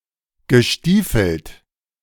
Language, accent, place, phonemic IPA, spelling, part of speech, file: German, Germany, Berlin, /ɡəˈʃtiːfl̩t/, gestiefelt, verb / adjective, De-gestiefelt.ogg
- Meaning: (verb) past participle of stiefeln; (adjective) booted (wearing boots)